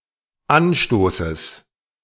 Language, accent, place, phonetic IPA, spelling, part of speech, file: German, Germany, Berlin, [ˈanˌʃtoːsəs], Anstoßes, noun, De-Anstoßes.ogg
- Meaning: genitive singular of Anstoß